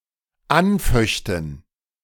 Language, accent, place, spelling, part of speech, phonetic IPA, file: German, Germany, Berlin, anföchten, verb, [ˈanˌfœçtn̩], De-anföchten.ogg
- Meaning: first/third-person plural dependent subjunctive II of anfechten